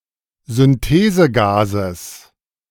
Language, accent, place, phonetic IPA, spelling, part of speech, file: German, Germany, Berlin, [zʏnˈteːzəˌɡaːzəs], Synthesegases, noun, De-Synthesegases.ogg
- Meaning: genitive singular of Synthesegas